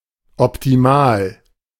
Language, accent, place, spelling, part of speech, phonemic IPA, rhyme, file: German, Germany, Berlin, optimal, adjective, /ɔptiˈmaːl/, -aːl, De-optimal.ogg
- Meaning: 1. optimal (perfect) 2. optimal (as good as possible under a given condition) 3. very good